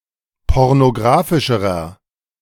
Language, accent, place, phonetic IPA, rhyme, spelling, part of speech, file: German, Germany, Berlin, [ˌpɔʁnoˈɡʁaːfɪʃəʁɐ], -aːfɪʃəʁɐ, pornographischerer, adjective, De-pornographischerer.ogg
- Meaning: inflection of pornographisch: 1. strong/mixed nominative masculine singular comparative degree 2. strong genitive/dative feminine singular comparative degree